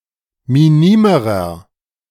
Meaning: inflection of minim: 1. strong/mixed nominative masculine singular comparative degree 2. strong genitive/dative feminine singular comparative degree 3. strong genitive plural comparative degree
- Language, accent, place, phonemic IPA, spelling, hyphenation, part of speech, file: German, Germany, Berlin, /miˈniːməʁɐ/, minimerer, mi‧ni‧me‧rer, adjective, De-minimerer.ogg